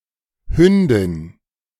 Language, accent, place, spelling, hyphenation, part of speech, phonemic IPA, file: German, Germany, Berlin, Hündin, Hün‧din, noun, /ˈhʏndɪn/, De-Hündin.ogg
- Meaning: 1. female dog, bitch, she-dog 2. short for Wolfshündin, Fuchshündin etc 3. slut